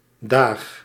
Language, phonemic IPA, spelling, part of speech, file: Dutch, /daːx/, daag, noun / interjection / verb, Nl-daag.ogg
- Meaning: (noun) plural of dag, used after numerals, particularly veertien; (interjection) bye; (verb) inflection of dagen: first-person singular present indicative